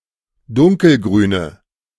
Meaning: inflection of dunkelgrün: 1. strong/mixed nominative/accusative feminine singular 2. strong nominative/accusative plural 3. weak nominative all-gender singular
- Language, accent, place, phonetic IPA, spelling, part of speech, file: German, Germany, Berlin, [ˈdʊŋkəlˌɡʁyːnə], dunkelgrüne, adjective, De-dunkelgrüne.ogg